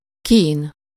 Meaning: (intensive) pain, suffering
- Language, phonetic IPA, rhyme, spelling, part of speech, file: Hungarian, [ˈkiːn], -iːn, kín, noun, Hu-kín.ogg